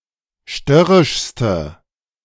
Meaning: inflection of störrisch: 1. strong/mixed nominative/accusative feminine singular superlative degree 2. strong nominative/accusative plural superlative degree
- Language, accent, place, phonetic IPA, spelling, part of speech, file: German, Germany, Berlin, [ˈʃtœʁɪʃstə], störrischste, adjective, De-störrischste.ogg